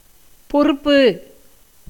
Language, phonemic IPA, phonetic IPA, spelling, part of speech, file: Tamil, /porʊpːɯ/, [po̞rʊpːɯ], பொறுப்பு, noun, Ta-பொறுப்பு.ogg
- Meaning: 1. responsibility, duty 2. importance 3. stress, pressure, burden 4. prop, stay, support